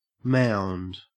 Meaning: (noun) An artificial hill or elevation of earth; a raised bank; an embankment thrown up for defense
- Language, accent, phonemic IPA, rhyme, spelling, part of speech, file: English, Australia, /maʊnd/, -aʊnd, mound, noun / verb, En-au-mound.ogg